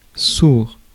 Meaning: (adjective) 1. deaf (person, animal) 2. muffled (sound) 3. unvoiced, voiceless; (noun) deaf person; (verb) third-person singular present indicative of sourdre
- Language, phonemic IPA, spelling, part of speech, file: French, /suʁ/, sourd, adjective / noun / verb, Fr-sourd.ogg